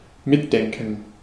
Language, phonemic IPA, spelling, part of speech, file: German, /ˈmɪtˌdɛŋkn̩/, mitdenken, verb, De-mitdenken.ogg
- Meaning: to follow